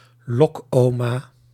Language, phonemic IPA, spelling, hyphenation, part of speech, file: Dutch, /ˈlɔkˌoː.maː/, lokoma, lok‧oma, noun, Nl-lokoma.ogg
- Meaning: a police officer posing as an elderly woman in an attempt to lure and arrest thieves